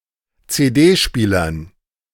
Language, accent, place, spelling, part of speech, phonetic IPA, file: German, Germany, Berlin, CD-Spielern, noun, [t͡seːˈdeːˌʃpiːlɐn], De-CD-Spielern.ogg
- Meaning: dative plural of CD-Spieler